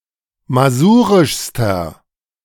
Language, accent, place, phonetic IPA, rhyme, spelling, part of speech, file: German, Germany, Berlin, [maˈzuːʁɪʃstɐ], -uːʁɪʃstɐ, masurischster, adjective, De-masurischster.ogg
- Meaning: inflection of masurisch: 1. strong/mixed nominative masculine singular superlative degree 2. strong genitive/dative feminine singular superlative degree 3. strong genitive plural superlative degree